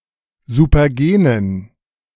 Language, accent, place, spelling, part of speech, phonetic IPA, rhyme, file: German, Germany, Berlin, supergenen, adjective, [zupɐˈɡeːnən], -eːnən, De-supergenen.ogg
- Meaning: inflection of supergen: 1. strong genitive masculine/neuter singular 2. weak/mixed genitive/dative all-gender singular 3. strong/weak/mixed accusative masculine singular 4. strong dative plural